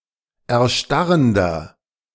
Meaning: inflection of erstarrend: 1. strong/mixed nominative masculine singular 2. strong genitive/dative feminine singular 3. strong genitive plural
- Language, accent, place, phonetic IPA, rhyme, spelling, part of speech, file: German, Germany, Berlin, [ɛɐ̯ˈʃtaʁəndɐ], -aʁəndɐ, erstarrender, adjective, De-erstarrender.ogg